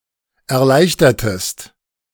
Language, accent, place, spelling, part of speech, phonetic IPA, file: German, Germany, Berlin, erleichtertest, verb, [ɛɐ̯ˈlaɪ̯çtɐtəst], De-erleichtertest.ogg
- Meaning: inflection of erleichtern: 1. second-person singular preterite 2. second-person singular subjunctive II